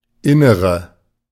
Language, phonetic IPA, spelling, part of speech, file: German, [ˈɪnəʁə], Innere, noun, De-Innere.ogg